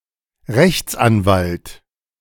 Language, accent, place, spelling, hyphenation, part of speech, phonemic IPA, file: German, Germany, Berlin, Rechtsanwalt, Rechts‧an‧walt, noun, /ˈʁɛçt͡sʔanˌvalt/, De-Rechtsanwalt.ogg
- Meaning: lawyer